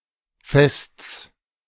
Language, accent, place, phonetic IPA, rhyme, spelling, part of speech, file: German, Germany, Berlin, [fɛst͡s], -ɛst͡s, Fests, noun, De-Fests.ogg
- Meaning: genitive singular of Fest